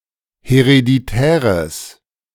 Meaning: strong/mixed nominative/accusative neuter singular of hereditär
- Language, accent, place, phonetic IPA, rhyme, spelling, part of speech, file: German, Germany, Berlin, [heʁediˈtɛːʁəs], -ɛːʁəs, hereditäres, adjective, De-hereditäres.ogg